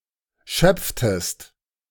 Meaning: inflection of schöpfen: 1. second-person singular preterite 2. second-person singular subjunctive II
- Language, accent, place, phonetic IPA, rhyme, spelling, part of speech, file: German, Germany, Berlin, [ˈʃœp͡ftəst], -œp͡ftəst, schöpftest, verb, De-schöpftest.ogg